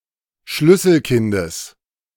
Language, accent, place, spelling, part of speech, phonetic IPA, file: German, Germany, Berlin, Schlüsselkindes, noun, [ˈʃlʏsl̩ˌkɪndəs], De-Schlüsselkindes.ogg
- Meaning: genitive of Schlüsselkind